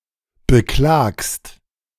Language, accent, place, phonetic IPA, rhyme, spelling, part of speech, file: German, Germany, Berlin, [bəˈklaːkst], -aːkst, beklagst, verb, De-beklagst.ogg
- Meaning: second-person singular present of beklagen